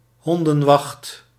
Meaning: the guard shift from midnight until 4 o'clock in the morning
- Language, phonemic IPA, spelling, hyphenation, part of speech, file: Dutch, /ˈɦɔn.də(n)ˌʋɑxt/, hondenwacht, hon‧den‧wacht, noun, Nl-hondenwacht.ogg